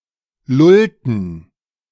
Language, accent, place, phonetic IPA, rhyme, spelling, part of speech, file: German, Germany, Berlin, [ˈlʊltn̩], -ʊltn̩, lullten, verb, De-lullten.ogg
- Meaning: inflection of lullen: 1. first/third-person plural preterite 2. first/third-person plural subjunctive II